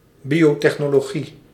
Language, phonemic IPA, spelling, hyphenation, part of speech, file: Dutch, /ˈbi.oː.tɛx.noː.loːˌɣi/, biotechnologie, bio‧tech‧no‧lo‧gie, noun, Nl-biotechnologie.ogg
- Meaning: biotechnology